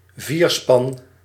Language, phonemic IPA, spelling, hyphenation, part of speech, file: Dutch, /ˈviːr.spɑn/, vierspan, vier‧span, noun, Nl-vierspan.ogg
- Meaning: a span of four horses arranged in pairs